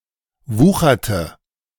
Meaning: inflection of wuchern: 1. first/third-person singular preterite 2. first/third-person singular subjunctive II
- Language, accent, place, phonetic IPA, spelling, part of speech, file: German, Germany, Berlin, [ˈvuːxɐtə], wucherte, verb, De-wucherte.ogg